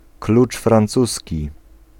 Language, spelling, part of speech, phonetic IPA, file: Polish, klucz francuski, noun, [ˈklut͡ʃ frãnˈt͡susʲci], Pl-klucz francuski.ogg